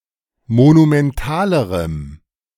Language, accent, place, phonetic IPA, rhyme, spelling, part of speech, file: German, Germany, Berlin, [monumɛnˈtaːləʁəm], -aːləʁəm, monumentalerem, adjective, De-monumentalerem.ogg
- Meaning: strong dative masculine/neuter singular comparative degree of monumental